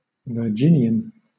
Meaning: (adjective) Of, or pertaining to, Virginia or its culture; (noun) A native or resident of the state of Virginia in the United States of America
- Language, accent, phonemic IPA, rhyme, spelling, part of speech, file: English, Southern England, /vəˈd͡ʒɪnjən/, -ɪnjən, Virginian, adjective / noun, LL-Q1860 (eng)-Virginian.wav